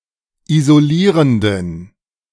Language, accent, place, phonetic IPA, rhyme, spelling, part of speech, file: German, Germany, Berlin, [izoˈliːʁəndn̩], -iːʁəndn̩, isolierenden, adjective, De-isolierenden.ogg
- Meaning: inflection of isolierend: 1. strong genitive masculine/neuter singular 2. weak/mixed genitive/dative all-gender singular 3. strong/weak/mixed accusative masculine singular 4. strong dative plural